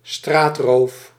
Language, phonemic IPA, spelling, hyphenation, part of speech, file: Dutch, /ˈstraːt.roːf/, straatroof, straat‧roof, noun, Nl-straatroof.ogg
- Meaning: street robbery